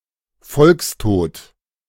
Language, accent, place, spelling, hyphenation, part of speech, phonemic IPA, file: German, Germany, Berlin, Volkstod, Volks‧tod, noun, /ˈfɔlksˌtoːt/, De-Volkstod.ogg
- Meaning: A dying out of a people